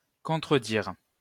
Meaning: to contradict
- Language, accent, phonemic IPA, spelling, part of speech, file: French, France, /kɔ̃.tʁə.diʁ/, contredire, verb, LL-Q150 (fra)-contredire.wav